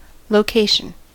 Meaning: 1. A particular point or place in physical space 2. An act of locating 3. An apartheid-era urban area populated by non-white people; a township 4. A leasing on rent
- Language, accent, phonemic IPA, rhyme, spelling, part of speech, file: English, US, /loʊˈkeɪʃən/, -eɪʃən, location, noun, En-us-location.ogg